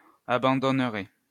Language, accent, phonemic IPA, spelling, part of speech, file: French, France, /a.bɑ̃.dɔn.ʁɛ/, abandonnerait, verb, LL-Q150 (fra)-abandonnerait.wav
- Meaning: third-person singular conditional of abandonner